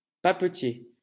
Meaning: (noun) 1. papermaker 2. stationer; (adjective) 1. papermaking 2. stationery
- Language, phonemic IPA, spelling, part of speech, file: French, /pa.pə.tje/, papetier, noun / adjective, LL-Q150 (fra)-papetier.wav